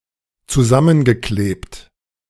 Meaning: past participle of zusammenkleben
- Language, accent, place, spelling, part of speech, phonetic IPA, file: German, Germany, Berlin, zusammengeklebt, verb, [t͡suˈzamənɡəˌkleːpt], De-zusammengeklebt.ogg